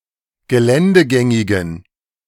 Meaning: inflection of geländegängig: 1. strong genitive masculine/neuter singular 2. weak/mixed genitive/dative all-gender singular 3. strong/weak/mixed accusative masculine singular 4. strong dative plural
- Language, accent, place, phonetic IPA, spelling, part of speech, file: German, Germany, Berlin, [ɡəˈlɛndəˌɡɛŋɪɡn̩], geländegängigen, adjective, De-geländegängigen.ogg